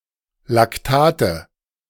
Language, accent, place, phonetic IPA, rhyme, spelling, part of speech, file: German, Germany, Berlin, [lakˈtaːtə], -aːtə, Lactate, noun, De-Lactate.ogg
- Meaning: nominative/accusative/genitive plural of Lactat